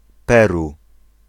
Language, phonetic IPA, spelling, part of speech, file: Polish, [ˈpɛru], Peru, proper noun, Pl-Peru.ogg